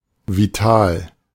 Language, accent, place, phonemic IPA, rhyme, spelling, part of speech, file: German, Germany, Berlin, /viˈtaːl/, -aːl, vital, adjective, De-vital.ogg
- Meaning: 1. lively; hale; vigorous 2. vital (necessary to, or characteristic of life)